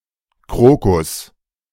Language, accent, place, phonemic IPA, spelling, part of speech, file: German, Germany, Berlin, /ˈkʁoːkʊs/, Krokus, noun, De-Krokus.ogg
- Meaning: crocus, Crocus